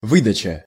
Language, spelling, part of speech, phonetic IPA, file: Russian, выдача, noun, [ˈvɨdət͡ɕə], Ru-выдача.ogg
- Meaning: 1. delivery; distribution, issue, issuance; giving out, serving out; payment 2. ejection 3. outputting 4. extradition 5. betrayal, disclosure 6. output 7. search engine results